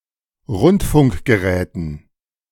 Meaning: dative plural of Rundfunkgerät
- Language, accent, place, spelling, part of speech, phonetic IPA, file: German, Germany, Berlin, Rundfunkgeräten, noun, [ˈʁʊntfʊŋkɡəˌʁɛːtn̩], De-Rundfunkgeräten.ogg